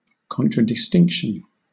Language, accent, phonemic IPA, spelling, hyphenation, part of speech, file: English, Southern England, /ˌkɒntɹədɪˈstɪŋkʃn̩/, contradistinction, con‧tra‧dis‧tinc‧tion, noun, LL-Q1860 (eng)-contradistinction.wav
- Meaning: 1. Distinction by contrast; the provision of one example against which another example may be defined 2. The quality of being contradistinctive